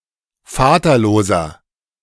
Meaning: inflection of vaterlos: 1. strong/mixed nominative masculine singular 2. strong genitive/dative feminine singular 3. strong genitive plural
- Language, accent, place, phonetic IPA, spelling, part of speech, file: German, Germany, Berlin, [ˈfaːtɐˌloːzɐ], vaterloser, adjective, De-vaterloser.ogg